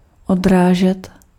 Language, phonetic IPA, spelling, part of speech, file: Czech, [ˈodraːʒɛt], odrážet, verb, Cs-odrážet.ogg
- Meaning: to reflect